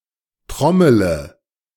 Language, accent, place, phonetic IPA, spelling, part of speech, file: German, Germany, Berlin, [ˈtʁɔmələ], trommele, verb, De-trommele.ogg
- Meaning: inflection of trommeln: 1. first-person singular present 2. singular imperative 3. first/third-person singular subjunctive I